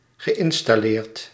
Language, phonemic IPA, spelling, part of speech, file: Dutch, /ɣəˌʔɪnstɑˈlert/, geïnstalleerd, verb, Nl-geïnstalleerd.ogg
- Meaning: past participle of installeren